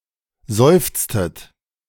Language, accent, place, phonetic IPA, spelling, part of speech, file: German, Germany, Berlin, [ˈzɔɪ̯ft͡stət], seufztet, verb, De-seufztet.ogg
- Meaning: inflection of seufzen: 1. second-person plural preterite 2. second-person plural subjunctive II